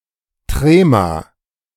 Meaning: trema (diacritic mark, two dots above the letter to indicate diaeresis)
- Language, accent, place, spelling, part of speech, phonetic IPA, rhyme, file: German, Germany, Berlin, Trema, noun, [ˈtʁeːma], -eːma, De-Trema.ogg